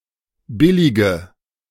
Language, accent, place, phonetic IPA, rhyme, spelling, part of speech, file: German, Germany, Berlin, [ˈbɪlɪɡə], -ɪlɪɡə, billige, adjective / verb, De-billige.ogg
- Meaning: inflection of billig: 1. strong/mixed nominative/accusative feminine singular 2. strong nominative/accusative plural 3. weak nominative all-gender singular 4. weak accusative feminine/neuter singular